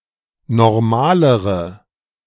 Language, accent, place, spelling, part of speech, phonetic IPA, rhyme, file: German, Germany, Berlin, normalere, adjective, [nɔʁˈmaːləʁə], -aːləʁə, De-normalere.ogg
- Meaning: inflection of normal: 1. strong/mixed nominative/accusative feminine singular comparative degree 2. strong nominative/accusative plural comparative degree